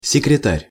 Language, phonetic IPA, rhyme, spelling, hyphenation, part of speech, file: Russian, [sʲɪkrʲɪˈtarʲ], -arʲ, секретарь, се‧кре‧тарь, noun, Ru-секретарь.ogg
- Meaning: secretary